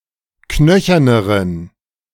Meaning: inflection of knöchern: 1. strong genitive masculine/neuter singular comparative degree 2. weak/mixed genitive/dative all-gender singular comparative degree
- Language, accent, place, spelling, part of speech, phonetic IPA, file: German, Germany, Berlin, knöcherneren, adjective, [ˈknœçɐnəʁən], De-knöcherneren.ogg